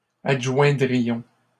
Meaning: first-person plural conditional of adjoindre
- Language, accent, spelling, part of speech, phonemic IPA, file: French, Canada, adjoindrions, verb, /ad.ʒwɛ̃.dʁi.jɔ̃/, LL-Q150 (fra)-adjoindrions.wav